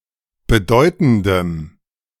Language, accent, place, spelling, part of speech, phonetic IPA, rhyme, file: German, Germany, Berlin, bedeutendem, adjective, [bəˈdɔɪ̯tn̩dəm], -ɔɪ̯tn̩dəm, De-bedeutendem.ogg
- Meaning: strong dative masculine/neuter singular of bedeutend